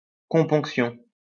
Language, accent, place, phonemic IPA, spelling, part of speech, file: French, France, Lyon, /kɔ̃.pɔ̃k.sjɔ̃/, componction, noun, LL-Q150 (fra)-componction.wav
- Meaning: compunction, contrition, remorse